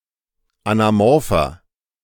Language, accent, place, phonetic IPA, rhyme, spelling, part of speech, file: German, Germany, Berlin, [anaˈmɔʁfɐ], -ɔʁfɐ, anamorpher, adjective, De-anamorpher.ogg
- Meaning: inflection of anamorph: 1. strong/mixed nominative masculine singular 2. strong genitive/dative feminine singular 3. strong genitive plural